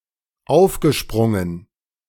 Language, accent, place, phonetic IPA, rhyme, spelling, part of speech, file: German, Germany, Berlin, [ˈaʊ̯fɡəˌʃpʁʊŋən], -aʊ̯fɡəʃpʁʊŋən, aufgesprungen, verb, De-aufgesprungen.ogg
- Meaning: past participle of aufspringen